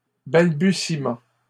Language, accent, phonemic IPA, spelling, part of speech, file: French, Canada, /bal.by.si.mɑ̃/, balbutiement, noun, LL-Q150 (fra)-balbutiement.wav
- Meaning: stammering; stammer